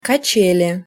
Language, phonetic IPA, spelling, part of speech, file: Russian, [kɐˈt͡ɕelʲɪ], качели, noun, Ru-качели.ogg
- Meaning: 1. swing (hanging seat) 2. seesaw